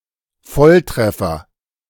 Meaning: direct hit, bullseye (a hit at the center of a target)
- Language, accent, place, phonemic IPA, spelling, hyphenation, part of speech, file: German, Germany, Berlin, /ˈfɔlˌtʁɛfɐ/, Volltreffer, Voll‧tref‧fer, noun, De-Volltreffer.ogg